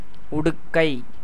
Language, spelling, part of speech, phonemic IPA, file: Tamil, உடுக்கை, noun, /ʊɖʊkːɐɪ̯/, Ta-உடுக்கை.ogg
- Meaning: 1. raiment, clothing 2. small two-headed drum, damaru